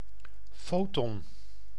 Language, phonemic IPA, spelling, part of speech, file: Dutch, /ˈfoːtɔn/, foton, noun, Nl-foton.ogg
- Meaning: 1. a photon, quantum of light 2. the unit of electromagnetic radiation